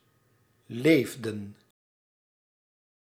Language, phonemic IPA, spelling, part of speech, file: Dutch, /ˈlefdə(n)/, leefden, verb, Nl-leefden.ogg
- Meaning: inflection of leven: 1. plural past indicative 2. plural past subjunctive